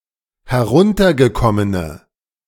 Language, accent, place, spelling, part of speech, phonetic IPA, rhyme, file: German, Germany, Berlin, heruntergekommene, adjective, [hɛˈʁʊntɐɡəˌkɔmənə], -ʊntɐɡəkɔmənə, De-heruntergekommene.ogg
- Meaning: inflection of heruntergekommen: 1. strong/mixed nominative/accusative feminine singular 2. strong nominative/accusative plural 3. weak nominative all-gender singular